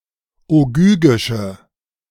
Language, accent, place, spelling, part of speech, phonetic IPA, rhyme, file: German, Germany, Berlin, ogygische, adjective, [oˈɡyːɡɪʃə], -yːɡɪʃə, De-ogygische.ogg
- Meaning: inflection of ogygisch: 1. strong/mixed nominative/accusative feminine singular 2. strong nominative/accusative plural 3. weak nominative all-gender singular